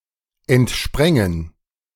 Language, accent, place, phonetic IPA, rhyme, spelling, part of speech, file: German, Germany, Berlin, [ɛntˈʃpʁɛŋən], -ɛŋən, entsprängen, verb, De-entsprängen.ogg
- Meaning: first/third-person plural subjunctive II of entspringen